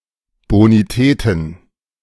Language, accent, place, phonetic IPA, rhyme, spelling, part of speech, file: German, Germany, Berlin, [ˌboniˈtɛːtn̩], -ɛːtn̩, Bonitäten, noun, De-Bonitäten.ogg
- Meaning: plural of Bonität